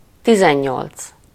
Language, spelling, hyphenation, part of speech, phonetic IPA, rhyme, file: Hungarian, tizennyolc, ti‧zen‧nyolc, numeral, [ˈtizɛɲːolt͡s], -olt͡s, Hu-tizennyolc.ogg
- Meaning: eighteen